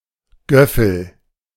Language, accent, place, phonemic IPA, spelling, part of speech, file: German, Germany, Berlin, /ˈɡœfl̩/, Göffel, noun, De-Göffel.ogg
- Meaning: spork; foon (eating utensil)